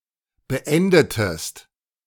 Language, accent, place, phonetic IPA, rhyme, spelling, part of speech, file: German, Germany, Berlin, [bəˈʔɛndətəst], -ɛndətəst, beendetest, verb, De-beendetest.ogg
- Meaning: inflection of beenden: 1. second-person singular preterite 2. second-person singular subjunctive II